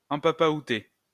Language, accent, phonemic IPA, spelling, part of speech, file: French, France, /ɑ̃.pa.pa.u.te/, empapaouté, verb, LL-Q150 (fra)-empapaouté.wav
- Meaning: past participle of empapaouter